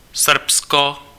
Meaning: Serbia (a country on the Balkan Peninsula in Southeastern Europe)
- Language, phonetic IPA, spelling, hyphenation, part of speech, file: Czech, [ˈsr̩psko], Srbsko, Srb‧sko, proper noun, Cs-Srbsko.ogg